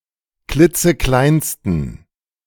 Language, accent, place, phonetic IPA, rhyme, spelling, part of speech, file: German, Germany, Berlin, [ˈklɪt͡səˈklaɪ̯nstn̩], -aɪ̯nstn̩, klitzekleinsten, adjective, De-klitzekleinsten.ogg
- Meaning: 1. superlative degree of klitzeklein 2. inflection of klitzeklein: strong genitive masculine/neuter singular superlative degree